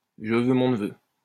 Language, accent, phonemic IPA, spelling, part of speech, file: French, France, /ʒə vø mɔ̃ n(ə).vø/, je veux mon neveu, interjection, LL-Q150 (fra)-je veux mon neveu.wav
- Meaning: alternative spelling of je veux, mon neveu